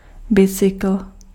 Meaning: bicycle, bike
- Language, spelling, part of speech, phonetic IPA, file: Czech, bicykl, noun, [ˈbɪt͡sɪkl̩], Cs-bicykl.ogg